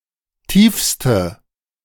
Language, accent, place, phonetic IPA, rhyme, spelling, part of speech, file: German, Germany, Berlin, [ˈtiːfstə], -iːfstə, tiefste, adjective, De-tiefste.ogg
- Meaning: inflection of tief: 1. strong/mixed nominative/accusative feminine singular superlative degree 2. strong nominative/accusative plural superlative degree